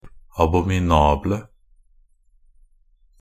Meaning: 1. definite singular of abominabel 2. plural of abominabel
- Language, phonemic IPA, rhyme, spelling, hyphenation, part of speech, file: Norwegian Bokmål, /abɔmɪˈnɑːblə/, -ɑːblə, abominable, a‧bo‧mi‧na‧ble, adjective, Nb-abominable.ogg